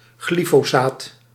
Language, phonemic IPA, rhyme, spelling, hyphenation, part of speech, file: Dutch, /ˌɣli.foːˈsaːt/, -aːt, glyfosaat, gly‧fo‧saat, noun, Nl-glyfosaat.ogg
- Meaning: glyphosate (N-phosphonomethyl glycine)